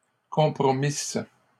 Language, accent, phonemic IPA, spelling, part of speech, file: French, Canada, /kɔ̃.pʁɔ.mis/, compromisse, verb, LL-Q150 (fra)-compromisse.wav
- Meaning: first-person singular imperfect subjunctive of compromettre